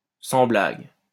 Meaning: you don't say, no kidding, tell me about it
- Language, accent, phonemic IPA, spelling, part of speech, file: French, France, /sɑ̃ blaɡ/, sans blague, interjection, LL-Q150 (fra)-sans blague.wav